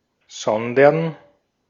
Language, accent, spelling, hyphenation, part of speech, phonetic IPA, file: German, Austria, sondern, son‧dern, conjunction / interjection / verb, [ˈzɔndɐn], De-at-sondern.ogg
- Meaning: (conjunction) rather, but (instead); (interjection) so?, then what?, so you tell me!; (verb) to separate, to sunder